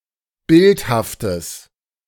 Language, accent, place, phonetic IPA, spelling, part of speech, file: German, Germany, Berlin, [ˈbɪlthaftəs], bildhaftes, adjective, De-bildhaftes.ogg
- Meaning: strong/mixed nominative/accusative neuter singular of bildhaft